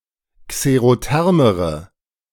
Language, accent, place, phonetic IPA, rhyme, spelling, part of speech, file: German, Germany, Berlin, [kseʁoˈtɛʁməʁə], -ɛʁməʁə, xerothermere, adjective, De-xerothermere.ogg
- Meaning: inflection of xerotherm: 1. strong/mixed nominative/accusative feminine singular comparative degree 2. strong nominative/accusative plural comparative degree